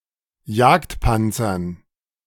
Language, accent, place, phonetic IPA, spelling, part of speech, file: German, Germany, Berlin, [ˈjaːktˌpant͡sɐn], Jagdpanzern, noun, De-Jagdpanzern.ogg
- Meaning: dative plural of Jagdpanzer